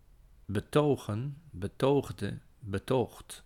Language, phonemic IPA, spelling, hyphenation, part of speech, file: Dutch, /bəˈtoːɣə(n)/, betogen, be‧to‧gen, verb / noun, Nl-betogen.ogg
- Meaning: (verb) 1. to demonstrate, to show 2. to (attempt to) produce evidence or proof; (noun) plural of betoog